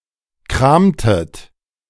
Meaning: inflection of kramen: 1. second-person plural preterite 2. second-person plural subjunctive II
- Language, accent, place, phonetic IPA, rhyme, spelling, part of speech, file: German, Germany, Berlin, [ˈkʁaːmtət], -aːmtət, kramtet, verb, De-kramtet.ogg